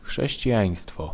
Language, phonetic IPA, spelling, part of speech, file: Polish, [ˌxʃɛɕt͡ɕiˈjä̃j̃stfɔ], chrześcijaństwo, noun, Pl-chrześcijaństwo.ogg